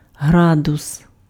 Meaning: 1. degree 2. grade
- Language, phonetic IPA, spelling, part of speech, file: Ukrainian, [ˈɦradʊs], градус, noun, Uk-градус.ogg